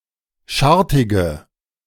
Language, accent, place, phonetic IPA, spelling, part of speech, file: German, Germany, Berlin, [ˈʃaʁtɪɡə], schartige, adjective, De-schartige.ogg
- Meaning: inflection of schartig: 1. strong/mixed nominative/accusative feminine singular 2. strong nominative/accusative plural 3. weak nominative all-gender singular